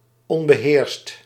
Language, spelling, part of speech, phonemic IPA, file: Dutch, onbeheerst, adjective, /ˈɔmbəˌherst/, Nl-onbeheerst.ogg
- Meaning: unrestrained